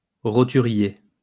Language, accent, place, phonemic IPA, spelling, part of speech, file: French, France, Lyon, /ʁɔ.ty.ʁje/, roturier, adjective / noun, LL-Q150 (fra)-roturier.wav
- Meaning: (adjective) common; not noble; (noun) commoner